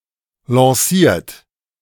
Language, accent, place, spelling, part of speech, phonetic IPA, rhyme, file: German, Germany, Berlin, lanciert, verb, [lɑ̃ˈsiːɐ̯t], -iːɐ̯t, De-lanciert.ogg
- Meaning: 1. past participle of lancieren 2. inflection of lancieren: third-person singular present 3. inflection of lancieren: second-person plural present 4. inflection of lancieren: plural imperative